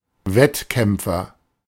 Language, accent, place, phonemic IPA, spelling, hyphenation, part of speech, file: German, Germany, Berlin, /ˈvɛtˌkɛmpfɐ/, Wettkämpfer, Wett‧kämp‧fer, noun, De-Wettkämpfer.ogg
- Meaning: competitor